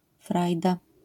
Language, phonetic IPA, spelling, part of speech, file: Polish, [ˈfrajda], frajda, noun, LL-Q809 (pol)-frajda.wav